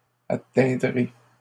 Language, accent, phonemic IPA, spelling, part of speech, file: French, Canada, /a.tɛ̃.dʁe/, atteindrai, verb, LL-Q150 (fra)-atteindrai.wav
- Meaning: first-person singular future of atteindre